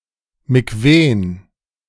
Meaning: plural of Mikwe
- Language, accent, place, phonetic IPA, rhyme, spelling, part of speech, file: German, Germany, Berlin, [miˈkveːn], -eːn, Mikwen, noun, De-Mikwen.ogg